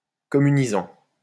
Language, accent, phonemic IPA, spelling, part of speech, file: French, France, /kɔ.my.ni.zɑ̃/, communisant, verb / adjective, LL-Q150 (fra)-communisant.wav
- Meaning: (verb) present participle of communiser; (adjective) communistic (favourable to communism)